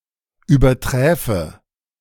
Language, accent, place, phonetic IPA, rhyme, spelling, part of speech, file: German, Germany, Berlin, [yːbɐˈtʁɛːfə], -ɛːfə, überträfe, verb, De-überträfe.ogg
- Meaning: first/third-person singular subjunctive II of übertreffen